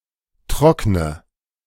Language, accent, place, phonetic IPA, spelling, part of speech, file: German, Germany, Berlin, [ˈtʁɔknə], trockne, verb, De-trockne.ogg
- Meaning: inflection of trocknen: 1. first-person singular present 2. singular imperative 3. first/third-person singular subjunctive I